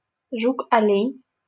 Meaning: stag beetle, Lucanus cervus
- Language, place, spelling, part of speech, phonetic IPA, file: Russian, Saint Petersburg, жук-олень, noun, [ˈʐuk ɐˈlʲenʲ], LL-Q7737 (rus)-жук-олень.wav